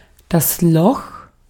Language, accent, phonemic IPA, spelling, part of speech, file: German, Austria, /lɔx/, Loch, noun, De-at-Loch.ogg
- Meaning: 1. hole; perforation 2. hole in the ground; pit 3. gap; bare spot 4. cavity 5. dungeon; underground prison 6. prison; jail 7. apartment, flat or house in a bad condition; dump